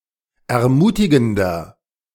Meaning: 1. comparative degree of ermutigend 2. inflection of ermutigend: strong/mixed nominative masculine singular 3. inflection of ermutigend: strong genitive/dative feminine singular
- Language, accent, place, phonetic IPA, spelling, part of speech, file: German, Germany, Berlin, [ɛɐ̯ˈmuːtɪɡn̩dɐ], ermutigender, adjective, De-ermutigender.ogg